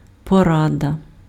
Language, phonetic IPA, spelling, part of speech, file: Ukrainian, [pɔˈradɐ], порада, noun, Uk-порада.ogg
- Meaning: a piece of advice